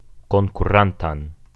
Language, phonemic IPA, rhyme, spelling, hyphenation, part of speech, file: Esperanto, /kon.kuˈran.tan/, -antan, konkurantan, kon‧ku‧ran‧tan, adjective, Eo-konkurantan.ogg
- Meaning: accusative singular present active participle of konkuri